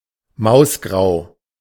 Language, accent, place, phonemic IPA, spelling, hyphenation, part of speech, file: German, Germany, Berlin, /ˈmaʊ̯sˌɡʁaʊ̯/, mausgrau, maus‧grau, adjective, De-mausgrau.ogg
- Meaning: mousy (in colour)